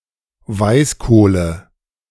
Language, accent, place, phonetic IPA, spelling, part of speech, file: German, Germany, Berlin, [ˈvaɪ̯sˌkoːlə], Weißkohle, noun, De-Weißkohle.ogg
- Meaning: nominative/accusative/genitive plural of Weißkohl